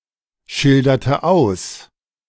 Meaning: inflection of ausschildern: 1. first/third-person singular preterite 2. first/third-person singular subjunctive II
- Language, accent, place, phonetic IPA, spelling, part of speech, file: German, Germany, Berlin, [ˌʃɪldɐtə ˈaʊ̯s], schilderte aus, verb, De-schilderte aus.ogg